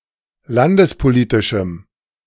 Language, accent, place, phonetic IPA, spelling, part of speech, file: German, Germany, Berlin, [ˈlandəspoˌliːtɪʃm̩], landespolitischem, adjective, De-landespolitischem.ogg
- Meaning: strong dative masculine/neuter singular of landespolitisch